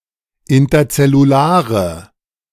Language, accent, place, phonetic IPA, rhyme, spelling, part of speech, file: German, Germany, Berlin, [ɪntɐt͡sɛluˈlaːʁə], -aːʁə, interzellulare, adjective, De-interzellulare.ogg
- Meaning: inflection of interzellular: 1. strong/mixed nominative/accusative feminine singular 2. strong nominative/accusative plural 3. weak nominative all-gender singular